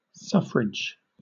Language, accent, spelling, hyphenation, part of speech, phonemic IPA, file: English, Southern England, suffrage, suf‧frage, noun, /ˈsʌfɹɪd͡ʒ/, LL-Q1860 (eng)-suffrage.wav
- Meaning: The right or chance to vote, express an opinion, or participate in a decision, especially in a democratic election